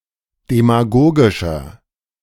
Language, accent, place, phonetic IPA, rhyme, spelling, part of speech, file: German, Germany, Berlin, [demaˈɡoːɡɪʃɐ], -oːɡɪʃɐ, demagogischer, adjective, De-demagogischer.ogg
- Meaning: 1. comparative degree of demagogisch 2. inflection of demagogisch: strong/mixed nominative masculine singular 3. inflection of demagogisch: strong genitive/dative feminine singular